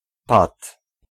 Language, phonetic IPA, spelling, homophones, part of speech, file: Polish, [pat], pat, pad, noun, Pl-pat.ogg